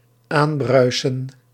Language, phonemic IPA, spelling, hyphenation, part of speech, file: Dutch, /ˈaːnˌbrœy̯.sə(n)/, aanbruisen, aan‧brui‧sen, verb, Nl-aanbruisen.ogg
- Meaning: to approach, arrive or collide while foaming